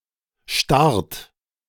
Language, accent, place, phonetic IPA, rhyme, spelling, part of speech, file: German, Germany, Berlin, [ʃtaʁt], -aʁt, starrt, verb, De-starrt.ogg
- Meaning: inflection of starren: 1. third-person singular present 2. second-person plural present 3. plural imperative